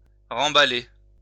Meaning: to rewrap; to wrap up again
- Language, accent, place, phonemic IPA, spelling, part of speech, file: French, France, Lyon, /ʁɑ̃.ba.le/, remballer, verb, LL-Q150 (fra)-remballer.wav